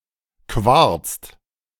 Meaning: inflection of quarzen: 1. second/third-person singular present 2. second-person plural present 3. plural imperative
- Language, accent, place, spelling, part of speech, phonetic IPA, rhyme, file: German, Germany, Berlin, quarzt, verb, [kvaʁt͡st], -aʁt͡st, De-quarzt.ogg